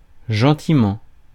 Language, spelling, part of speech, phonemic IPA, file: French, gentiment, adverb, /ʒɑ̃.ti.mɑ̃/, Fr-gentiment.ogg
- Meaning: friendly, kindly (in a friendly or kind manner)